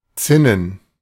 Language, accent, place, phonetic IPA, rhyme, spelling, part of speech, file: German, Germany, Berlin, [ˈt͡sɪnən], -ɪnən, Zinnen, noun, De-Zinnen.ogg
- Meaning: plural of Zinne